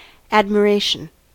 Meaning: A positive emotion combining wonder and approbation; the regarding of another as being wonderful; a feeling of respect for another's skills or attributes, as one might look on a hero or role model
- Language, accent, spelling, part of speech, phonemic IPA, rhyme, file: English, US, admiration, noun, /ˌæd.məˈɹeɪ.ʃən/, -eɪʃən, En-us-admiration.ogg